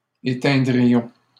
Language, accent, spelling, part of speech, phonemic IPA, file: French, Canada, éteindrions, verb, /e.tɛ̃.dʁi.jɔ̃/, LL-Q150 (fra)-éteindrions.wav
- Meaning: first-person plural conditional of éteindre